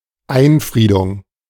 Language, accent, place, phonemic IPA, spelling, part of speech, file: German, Germany, Berlin, /ˈaɪ̯nˌfʁiːdʊŋ/, Einfriedung, noun, De-Einfriedung.ogg
- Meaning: 1. the act of fencing something in or enclosing an area 2. enclosure, fencing, fence, stockade